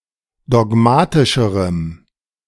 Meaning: strong dative masculine/neuter singular comparative degree of dogmatisch
- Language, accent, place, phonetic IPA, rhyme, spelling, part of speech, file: German, Germany, Berlin, [dɔˈɡmaːtɪʃəʁəm], -aːtɪʃəʁəm, dogmatischerem, adjective, De-dogmatischerem.ogg